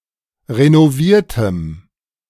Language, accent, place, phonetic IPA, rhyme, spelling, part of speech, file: German, Germany, Berlin, [ʁenoˈviːɐ̯təm], -iːɐ̯təm, renoviertem, adjective, De-renoviertem.ogg
- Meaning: strong dative masculine/neuter singular of renoviert